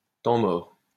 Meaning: 1. time-out (in sports) 2. dead time
- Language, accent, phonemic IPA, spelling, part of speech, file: French, France, /tɑ̃ mɔʁ/, temps mort, noun, LL-Q150 (fra)-temps mort.wav